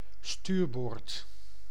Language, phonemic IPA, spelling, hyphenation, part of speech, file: Dutch, /ˈstyːr.boːrt/, stuurboord, stuur‧boord, noun, Nl-stuurboord.ogg
- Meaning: starboard (right hand side of a vessel)